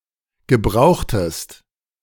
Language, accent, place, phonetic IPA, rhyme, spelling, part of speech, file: German, Germany, Berlin, [ɡəˈbʁaʊ̯xtəst], -aʊ̯xtəst, gebrauchtest, verb, De-gebrauchtest.ogg
- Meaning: inflection of gebrauchen: 1. second-person singular preterite 2. second-person singular subjunctive II